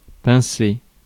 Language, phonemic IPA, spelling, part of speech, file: French, /pɛ̃.se/, pincer, verb, Fr-pincer.ogg
- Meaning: 1. to pinch (skin) 2. to pinch (to arrest) 3. to pluck (a stringed instrument) 4. to fancy